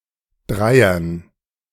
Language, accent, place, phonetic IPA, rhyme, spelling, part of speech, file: German, Germany, Berlin, [ˈdʁaɪ̯ɐn], -aɪ̯ɐn, Dreiern, noun, De-Dreiern.ogg
- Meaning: dative plural of Dreier